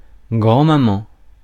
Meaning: granny, grandma
- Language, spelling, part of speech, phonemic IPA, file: French, grand-maman, noun, /ɡʁɑ̃.ma.mɑ̃/, Fr-grand-maman.ogg